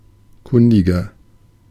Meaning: 1. comparative degree of kundig 2. inflection of kundig: strong/mixed nominative masculine singular 3. inflection of kundig: strong genitive/dative feminine singular
- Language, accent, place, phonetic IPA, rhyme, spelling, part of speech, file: German, Germany, Berlin, [ˈkʊndɪɡɐ], -ʊndɪɡɐ, kundiger, adjective, De-kundiger.ogg